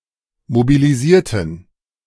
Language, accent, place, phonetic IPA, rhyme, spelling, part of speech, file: German, Germany, Berlin, [mobiliˈziːɐ̯tn̩], -iːɐ̯tn̩, mobilisierten, adjective / verb, De-mobilisierten.ogg
- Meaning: inflection of mobilisieren: 1. first/third-person plural preterite 2. first/third-person plural subjunctive II